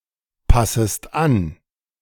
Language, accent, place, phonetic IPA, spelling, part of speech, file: German, Germany, Berlin, [ˌpasəst ˈan], passest an, verb, De-passest an.ogg
- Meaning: second-person singular subjunctive I of anpassen